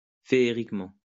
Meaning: alternative form of féeriquement
- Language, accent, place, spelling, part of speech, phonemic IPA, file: French, France, Lyon, féériquement, adverb, /fe.e.ʁik.mɑ̃/, LL-Q150 (fra)-féériquement.wav